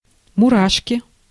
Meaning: 1. goose bumps (raised skin caused by cold, excitement, or fear) 2. inflection of мура́шка (muráška): nominative plural 3. inflection of мура́шка (muráška): genitive singular
- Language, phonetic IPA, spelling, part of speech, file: Russian, [mʊˈraʂkʲɪ], мурашки, noun, Ru-мурашки.ogg